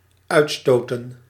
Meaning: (noun) plural of uitstoot; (verb) 1. to expel 2. to emit, discharge 3. to burst out (a shout, a scream, a cry)
- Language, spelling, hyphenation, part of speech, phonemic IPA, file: Dutch, uitstoten, uit‧sto‧ten, noun / verb, /ˈœy̯tˌstoː.tə(n)/, Nl-uitstoten.ogg